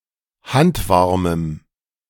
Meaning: strong dative masculine/neuter singular of handwarm
- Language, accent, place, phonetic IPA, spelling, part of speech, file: German, Germany, Berlin, [ˈhantˌvaʁməm], handwarmem, adjective, De-handwarmem.ogg